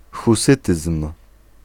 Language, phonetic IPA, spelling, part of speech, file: Polish, [xuˈsɨtɨsm̥], husytyzm, noun, Pl-husytyzm.ogg